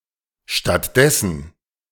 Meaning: instead, in lieu (of)
- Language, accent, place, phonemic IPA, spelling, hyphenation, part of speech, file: German, Germany, Berlin, /ʃtatˈdɛsn̩/, stattdessen, statt‧des‧sen, adverb, De-stattdessen.ogg